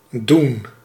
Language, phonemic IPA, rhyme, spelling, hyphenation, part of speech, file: Dutch, /dun/, -un, doen, doen, verb / noun / adverb / conjunction, Nl-doen.ogg
- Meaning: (verb) 1. to do 2. to put 3. to cause to, to make; forms causative verbs 4. to give, serve, bring 5. to do, to have sex with someone 6. to touch a nerve; to strike a chord in